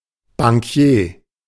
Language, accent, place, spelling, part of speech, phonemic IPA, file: German, Germany, Berlin, Bankier, noun, /baŋˈkjeː/, De-Bankier.ogg
- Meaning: The owner or a high-ranking officer of a bank